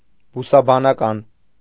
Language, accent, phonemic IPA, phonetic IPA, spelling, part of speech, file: Armenian, Eastern Armenian, /busɑbɑnɑˈkɑn/, [busɑbɑnɑkɑ́n], բուսաբանական, adjective, Hy-բուսաբանական.ogg
- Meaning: botanical